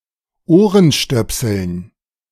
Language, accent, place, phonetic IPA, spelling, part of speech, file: German, Germany, Berlin, [ˈoːʁənˌʃtœpsl̩n], Ohrenstöpseln, noun, De-Ohrenstöpseln.ogg
- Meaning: dative plural of Ohrenstöpsel